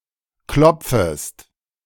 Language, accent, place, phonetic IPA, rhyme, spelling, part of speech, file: German, Germany, Berlin, [ˈklɔp͡fəst], -ɔp͡fəst, klopfest, verb, De-klopfest.ogg
- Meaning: second-person singular subjunctive I of klopfen